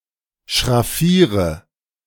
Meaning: inflection of schraffieren: 1. first-person singular present 2. first/third-person singular subjunctive I 3. singular imperative
- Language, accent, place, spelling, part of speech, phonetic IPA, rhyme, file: German, Germany, Berlin, schraffiere, verb, [ʃʁaˈfiːʁə], -iːʁə, De-schraffiere.ogg